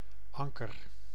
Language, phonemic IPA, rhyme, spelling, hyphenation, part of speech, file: Dutch, /ˈɑŋkər/, -ɑŋkər, anker, an‧ker, noun / verb, Nl-anker.ogg
- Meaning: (noun) anchor; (verb) inflection of ankeren: 1. first-person singular present indicative 2. second-person singular present indicative 3. imperative